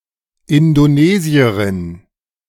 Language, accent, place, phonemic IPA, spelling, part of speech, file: German, Germany, Berlin, /ɪndoˈneːziɐʁɪn/, Indonesierin, noun, De-Indonesierin.ogg
- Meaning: Indonesian (woman from Indonesia)